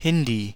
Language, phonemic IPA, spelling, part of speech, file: German, /ˈhɪndiː/, Hindi, proper noun / noun, De-Hindi.ogg
- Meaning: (proper noun) the Hindi language; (noun) 1. Hindi speaker (male or of unspecified gender) 2. female Hindi speaker